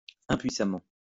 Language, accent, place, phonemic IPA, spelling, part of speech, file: French, France, Lyon, /ɛ̃.pɥi.sa.mɑ̃/, impuissamment, adverb, LL-Q150 (fra)-impuissamment.wav
- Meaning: powerless; futilely